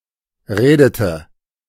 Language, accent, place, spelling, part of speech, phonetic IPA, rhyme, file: German, Germany, Berlin, redete, verb, [ˈʁeːdətə], -eːdətə, De-redete.ogg
- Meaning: inflection of reden: 1. first/third-person singular preterite 2. first/third-person singular subjunctive II